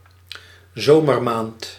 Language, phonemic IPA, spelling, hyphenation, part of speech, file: Dutch, /ˈzoː.mərˌmaːnt/, zomermaand, zo‧mer‧maand, noun, Nl-zomermaand.ogg
- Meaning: 1. summer month 2. June